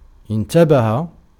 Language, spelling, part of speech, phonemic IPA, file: Arabic, انتبه, verb, /in.ta.ba.ha/, Ar-انتبه.ogg
- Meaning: 1. to be careful, to be on one's guard, to think about what one is doing 2. to awake 3. to be aware of, to come to know about 4. to pay attention (to), to notice, to take heed (of)